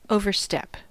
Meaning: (verb) 1. To go too far beyond (a limit); especially, to cross boundaries or exceed norms or conventions 2. To take a step in which the foot touches ground too far forward
- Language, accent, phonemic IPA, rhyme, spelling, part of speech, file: English, US, /ˌoʊvɚˈstɛp/, -ɛp, overstep, verb / noun, En-us-overstep.ogg